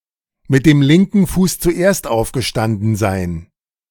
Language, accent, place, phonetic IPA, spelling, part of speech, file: German, Germany, Berlin, [mɪt deːm ˌlɪŋkn̩ ˈfuːs t͡suˈʔeːast aʊ̯fɡəˈʃtandn̩ zaɪ̯n], mit dem linken Fuß zuerst aufgestanden sein, phrase, De-mit dem linken Fuß zuerst aufgestanden sein.ogg
- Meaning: to get up on the wrong side of the bed